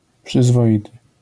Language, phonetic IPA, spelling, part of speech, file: Polish, [ˌpʃɨzvɔˈʲitɨ], przyzwoity, adjective, LL-Q809 (pol)-przyzwoity.wav